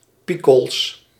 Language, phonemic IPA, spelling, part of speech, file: Dutch, /ˈpikɔls/, pikols, noun, Nl-pikols.ogg
- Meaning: plural of pikol